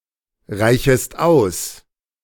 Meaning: second-person singular subjunctive I of ausreichen
- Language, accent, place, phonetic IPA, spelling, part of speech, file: German, Germany, Berlin, [ˌʁaɪ̯çəst ˈaʊ̯s], reichest aus, verb, De-reichest aus.ogg